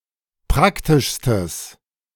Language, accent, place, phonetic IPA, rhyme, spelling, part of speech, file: German, Germany, Berlin, [ˈpʁaktɪʃstəs], -aktɪʃstəs, praktischstes, adjective, De-praktischstes.ogg
- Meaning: strong/mixed nominative/accusative neuter singular superlative degree of praktisch